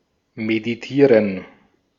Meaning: to meditate
- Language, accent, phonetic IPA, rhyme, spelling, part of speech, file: German, Austria, [mediˈtiːʁən], -iːʁən, meditieren, verb, De-at-meditieren.ogg